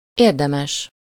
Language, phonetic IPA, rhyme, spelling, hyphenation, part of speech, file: Hungarian, [ˈeːrdɛmɛʃ], -ɛʃ, érdemes, ér‧de‧mes, adjective, Hu-érdemes.ogg
- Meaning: 1. worthy, worthwhile 2. praiseworthy, commendable, meritorious, excellent